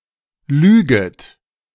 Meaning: second-person plural subjunctive I of lügen
- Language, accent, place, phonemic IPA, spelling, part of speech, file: German, Germany, Berlin, /ˈlyːɡət/, lüget, verb, De-lüget.ogg